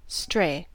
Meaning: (noun) 1. Any domestic animal that lacks an enclosure, proper place, or company, but that instead wanders at large or is lost; an estray 2. A person who is lost
- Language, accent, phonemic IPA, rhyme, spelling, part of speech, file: English, US, /stɹeɪ/, -eɪ, stray, noun / verb / adjective, En-us-stray.ogg